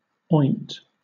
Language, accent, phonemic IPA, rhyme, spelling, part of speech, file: English, Southern England, /ɔɪnt/, -ɔɪnt, oint, verb, LL-Q1860 (eng)-oint.wav
- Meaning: To anoint